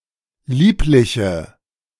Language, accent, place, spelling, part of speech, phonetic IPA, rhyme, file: German, Germany, Berlin, liebliche, adjective, [ˈliːplɪçə], -iːplɪçə, De-liebliche.ogg
- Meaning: inflection of lieblich: 1. strong/mixed nominative/accusative feminine singular 2. strong nominative/accusative plural 3. weak nominative all-gender singular